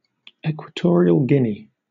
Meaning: A country in Central Africa. Official name: Republic of Equatorial Guinea. Capital: Ciudad de la Paz
- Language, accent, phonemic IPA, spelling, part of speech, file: English, Southern England, /ˌɛkwəˈtɔːɹiəl ˈɡɪni/, Equatorial Guinea, proper noun, LL-Q1860 (eng)-Equatorial Guinea.wav